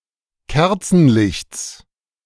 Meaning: genitive of Kerzenlicht
- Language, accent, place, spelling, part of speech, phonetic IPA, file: German, Germany, Berlin, Kerzenlichts, noun, [ˈkɛʁt͡sn̩ˌlɪçt͡s], De-Kerzenlichts.ogg